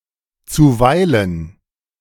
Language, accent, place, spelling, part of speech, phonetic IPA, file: German, Germany, Berlin, zuweilen, adverb, [tsuˈvaɪ̯lən], De-zuweilen.ogg
- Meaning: sometimes, occasionally, from time to time